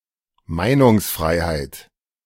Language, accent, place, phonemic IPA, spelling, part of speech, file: German, Germany, Berlin, /ˈmaɪ̯nʊŋsˌfʁaɪ̯haɪ̯t/, Meinungsfreiheit, noun, De-Meinungsfreiheit.ogg
- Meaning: freedom of opinion